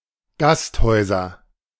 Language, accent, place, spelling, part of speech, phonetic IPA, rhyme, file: German, Germany, Berlin, Gasthäuser, noun, [ˈɡastˌhɔɪ̯zɐ], -asthɔɪ̯zɐ, De-Gasthäuser.ogg
- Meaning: nominative/accusative/genitive plural of Gasthaus